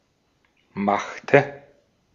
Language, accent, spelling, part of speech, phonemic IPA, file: German, Austria, machte, verb, /ˈmaxtə/, De-at-machte.ogg
- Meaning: inflection of machen: 1. first/third-person singular preterite 2. first/third-person singular subjunctive II